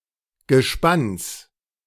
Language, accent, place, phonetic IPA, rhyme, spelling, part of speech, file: German, Germany, Berlin, [ɡəˈʃpans], -ans, Gespanns, noun, De-Gespanns.ogg
- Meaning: genitive singular of Gespann